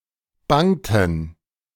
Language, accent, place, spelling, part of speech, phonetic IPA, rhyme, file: German, Germany, Berlin, bangten, verb, [ˈbaŋtn̩], -aŋtn̩, De-bangten.ogg
- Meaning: inflection of bangen: 1. first/third-person plural preterite 2. first/third-person plural subjunctive II